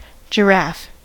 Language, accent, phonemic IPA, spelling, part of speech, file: English, US, /d͡ʒəˈɹæf/, giraffe, noun, En-us-giraffe.ogg